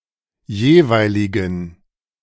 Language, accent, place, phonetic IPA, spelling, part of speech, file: German, Germany, Berlin, [ˈjeːˌvaɪ̯lɪɡn̩], jeweiligen, adjective, De-jeweiligen.ogg
- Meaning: inflection of jeweilig: 1. strong genitive masculine/neuter singular 2. weak/mixed genitive/dative all-gender singular 3. strong/weak/mixed accusative masculine singular 4. strong dative plural